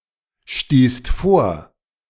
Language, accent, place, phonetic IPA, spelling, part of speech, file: German, Germany, Berlin, [ˌʃtiːst ˈfoːɐ̯], stießt vor, verb, De-stießt vor.ogg
- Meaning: second-person singular/plural preterite of vorstoßen